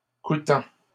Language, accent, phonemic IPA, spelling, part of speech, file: French, Canada, /ku.tɑ̃/, coûtant, verb, LL-Q150 (fra)-coûtant.wav
- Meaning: present participle of coûter